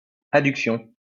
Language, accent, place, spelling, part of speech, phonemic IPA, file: French, France, Lyon, adduction, noun, /a.dyk.sjɔ̃/, LL-Q150 (fra)-adduction.wav
- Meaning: adduction (all senses)